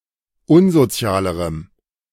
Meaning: strong dative masculine/neuter singular comparative degree of unsozial
- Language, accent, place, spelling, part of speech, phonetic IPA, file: German, Germany, Berlin, unsozialerem, adjective, [ˈʊnzoˌt͡si̯aːləʁəm], De-unsozialerem.ogg